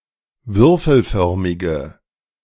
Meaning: inflection of würfelförmig: 1. strong/mixed nominative/accusative feminine singular 2. strong nominative/accusative plural 3. weak nominative all-gender singular
- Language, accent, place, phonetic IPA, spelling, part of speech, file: German, Germany, Berlin, [ˈvʏʁfl̩ˌfœʁmɪɡə], würfelförmige, adjective, De-würfelförmige.ogg